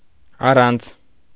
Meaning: without
- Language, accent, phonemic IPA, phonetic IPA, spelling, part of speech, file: Armenian, Eastern Armenian, /ɑˈrɑnt͡sʰ/, [ɑrɑ́nt͡sʰ], առանց, preposition, Hy-առանց.ogg